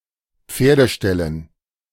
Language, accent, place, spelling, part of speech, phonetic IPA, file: German, Germany, Berlin, Pferdeställen, noun, [ˈp͡feːɐ̯dəˌʃtɛlən], De-Pferdeställen.ogg
- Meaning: dative plural of Pferdestall